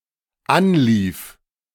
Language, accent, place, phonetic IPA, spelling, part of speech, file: German, Germany, Berlin, [ˈanˌliːf], anlief, verb, De-anlief.ogg
- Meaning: first/third-person singular dependent preterite of anlaufen